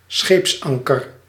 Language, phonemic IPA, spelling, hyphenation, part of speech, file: Dutch, /ˈsxeːpsˌɑŋ.kər/, scheepsanker, scheeps‧an‧ker, noun, Nl-scheepsanker.ogg
- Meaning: a ship's anchor